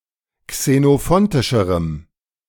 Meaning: strong dative masculine/neuter singular comparative degree of xenophontisch
- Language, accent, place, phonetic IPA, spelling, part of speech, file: German, Germany, Berlin, [ksenoˈfɔntɪʃəʁəm], xenophontischerem, adjective, De-xenophontischerem.ogg